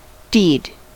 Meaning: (noun) 1. An action or act; something that is done 2. A brave or noteworthy action; a feat or exploit 3. Action or fact, as opposed to rhetoric or deliberation
- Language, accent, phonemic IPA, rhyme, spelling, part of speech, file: English, US, /diːd/, -iːd, deed, noun / verb, En-us-deed.ogg